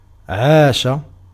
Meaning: to live, to be alive
- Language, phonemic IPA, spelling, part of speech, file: Arabic, /ʕaː.ʃa/, عاش, verb, Ar-عاش.ogg